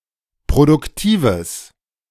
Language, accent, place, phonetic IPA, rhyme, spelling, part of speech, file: German, Germany, Berlin, [pʁodʊkˈtiːvəs], -iːvəs, produktives, adjective, De-produktives.ogg
- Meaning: strong/mixed nominative/accusative neuter singular of produktiv